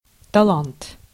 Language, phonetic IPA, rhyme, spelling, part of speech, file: Russian, [tɐˈɫant], -ant, талант, noun, Ru-талант.ogg
- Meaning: 1. talent, gift 2. man or woman of talent, gifted person, talent 3. talent (measure of weight and monetary unit)